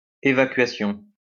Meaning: 1. evacuation (act of emptying) 2. a drain (for a sink, shower, etc.)
- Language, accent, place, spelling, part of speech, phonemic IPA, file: French, France, Lyon, évacuation, noun, /e.va.kɥa.sjɔ̃/, LL-Q150 (fra)-évacuation.wav